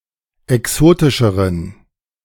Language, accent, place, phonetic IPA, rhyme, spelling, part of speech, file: German, Germany, Berlin, [ɛˈksoːtɪʃəʁən], -oːtɪʃəʁən, exotischeren, adjective, De-exotischeren.ogg
- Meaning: inflection of exotisch: 1. strong genitive masculine/neuter singular comparative degree 2. weak/mixed genitive/dative all-gender singular comparative degree